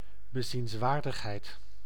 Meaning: tourist attraction, thing worth seeing
- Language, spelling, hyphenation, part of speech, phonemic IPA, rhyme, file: Dutch, bezienswaardigheid, be‧ziens‧waar‧dig‧heid, noun, /bəˌzinsˈʋaːr.dəx.ɦɛi̯t/, -aːrdəxɦɛi̯t, Nl-bezienswaardigheid.ogg